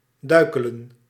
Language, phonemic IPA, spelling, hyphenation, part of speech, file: Dutch, /ˈdœy̯kələ(n)/, duikelen, dui‧ke‧len, verb, Nl-duikelen.ogg
- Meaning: 1. to tumble, to fall over 2. to make capers and somersaults